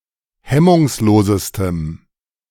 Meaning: strong dative masculine/neuter singular superlative degree of hemmungslos
- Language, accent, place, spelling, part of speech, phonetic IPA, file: German, Germany, Berlin, hemmungslosestem, adjective, [ˈhɛmʊŋsˌloːzəstəm], De-hemmungslosestem.ogg